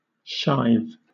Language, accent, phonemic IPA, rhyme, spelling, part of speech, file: English, Southern England, /ʃaɪv/, -aɪv, shive, noun, LL-Q1860 (eng)-shive.wav
- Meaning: 1. A slice, especially of bread 2. A sheave 3. A beam or plank of split wood 4. A flat, wide cork for plugging a large hole or closing a wide-mouthed bottle